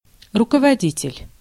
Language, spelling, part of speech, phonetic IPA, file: Russian, руководитель, noun, [rʊkəvɐˈdʲitʲɪlʲ], Ru-руководитель.ogg
- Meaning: leader, chief, manager, director, instructor, teacher